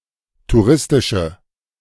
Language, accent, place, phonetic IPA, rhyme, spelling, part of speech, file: German, Germany, Berlin, [tuˈʁɪstɪʃə], -ɪstɪʃə, touristische, adjective, De-touristische.ogg
- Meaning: inflection of touristisch: 1. strong/mixed nominative/accusative feminine singular 2. strong nominative/accusative plural 3. weak nominative all-gender singular